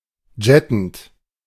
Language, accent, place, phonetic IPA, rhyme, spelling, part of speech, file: German, Germany, Berlin, [ˈd͡ʒɛtn̩t], -ɛtn̩t, jettend, verb, De-jettend.ogg
- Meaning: present participle of jetten